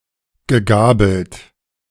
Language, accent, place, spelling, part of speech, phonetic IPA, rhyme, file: German, Germany, Berlin, gegabelt, verb, [ɡəˈɡaːbl̩t], -aːbl̩t, De-gegabelt.ogg
- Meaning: past participle of gabeln